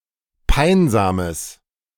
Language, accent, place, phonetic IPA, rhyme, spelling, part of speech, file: German, Germany, Berlin, [ˈpaɪ̯nzaːməs], -aɪ̯nzaːməs, peinsames, adjective, De-peinsames.ogg
- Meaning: strong/mixed nominative/accusative neuter singular of peinsam